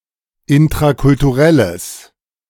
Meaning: strong/mixed nominative/accusative neuter singular of intrakulturell
- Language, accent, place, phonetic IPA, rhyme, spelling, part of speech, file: German, Germany, Berlin, [ɪntʁakʊltuˈʁɛləs], -ɛləs, intrakulturelles, adjective, De-intrakulturelles.ogg